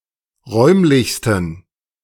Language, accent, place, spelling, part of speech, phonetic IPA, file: German, Germany, Berlin, räumlichsten, adjective, [ˈʁɔɪ̯mlɪçstn̩], De-räumlichsten.ogg
- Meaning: 1. superlative degree of räumlich 2. inflection of räumlich: strong genitive masculine/neuter singular superlative degree